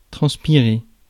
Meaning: 1. to transpire 2. to perspire, sweat
- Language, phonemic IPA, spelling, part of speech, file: French, /tʁɑ̃s.pi.ʁe/, transpirer, verb, Fr-transpirer.ogg